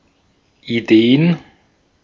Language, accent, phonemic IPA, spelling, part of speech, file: German, Austria, /iˈdeː.ən/, Ideen, noun, De-at-Ideen.ogg
- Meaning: plural of Idee